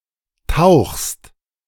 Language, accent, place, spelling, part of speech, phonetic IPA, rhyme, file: German, Germany, Berlin, tauchst, verb, [taʊ̯xst], -aʊ̯xst, De-tauchst.ogg
- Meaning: second-person singular present of tauchen